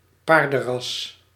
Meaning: a horse breed
- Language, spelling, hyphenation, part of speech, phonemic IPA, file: Dutch, paardenras, paar‧den‧ras, noun, /ˈpaːr.də(n)ˌrɑs/, Nl-paardenras.ogg